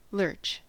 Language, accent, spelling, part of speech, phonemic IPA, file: English, US, lurch, noun / verb, /lɜɹt͡ʃ/, En-us-lurch.ogg
- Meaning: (noun) A sudden or unsteady movement; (verb) 1. To make such a sudden, unsteady movement 2. To swallow or eat greedily; to devour; hence, to swallow up